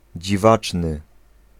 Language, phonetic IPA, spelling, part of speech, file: Polish, [d͡ʑiˈvat͡ʃnɨ], dziwaczny, adjective, Pl-dziwaczny.ogg